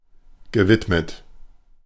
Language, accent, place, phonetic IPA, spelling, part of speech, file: German, Germany, Berlin, [ɡəˈvɪtmət], gewidmet, verb, De-gewidmet.ogg
- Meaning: past participle of widmen